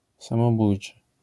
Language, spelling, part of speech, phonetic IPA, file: Polish, samobójczy, adjective, [ˌsãmɔˈbujt͡ʃɨ], LL-Q809 (pol)-samobójczy.wav